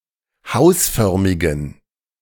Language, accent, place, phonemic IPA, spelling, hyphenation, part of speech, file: German, Germany, Berlin, /ˈhaʊ̯sˌfœʁmɪɡən/, hausförmigen, haus‧för‧mi‧gen, adjective, De-hausförmigen.ogg
- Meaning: inflection of hausförmig: 1. strong genitive masculine/neuter singular 2. weak/mixed genitive/dative all-gender singular 3. strong/weak/mixed accusative masculine singular 4. strong dative plural